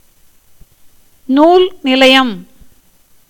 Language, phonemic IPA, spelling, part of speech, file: Tamil, /nuːl nɪlɐɪ̯jɐm/, நூல் நிலையம், noun, Ta-நூல் நிலையம்.ogg
- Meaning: library